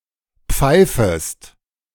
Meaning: second-person singular subjunctive I of pfeifen
- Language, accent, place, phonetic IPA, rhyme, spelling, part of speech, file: German, Germany, Berlin, [ˈp͡faɪ̯fəst], -aɪ̯fəst, pfeifest, verb, De-pfeifest.ogg